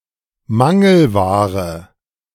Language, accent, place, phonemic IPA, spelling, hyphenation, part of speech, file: German, Germany, Berlin, /ˈmaŋl̩ˌvaːʁə/, Mangelware, Man‧gel‧wa‧re, noun, De-Mangelware.ogg
- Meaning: scarce good